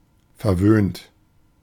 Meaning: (verb) past participle of verwöhnen; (adjective) spoiled / spoilt
- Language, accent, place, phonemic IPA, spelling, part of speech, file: German, Germany, Berlin, /fɛɐ̯ˈvøːnt/, verwöhnt, verb / adjective, De-verwöhnt.ogg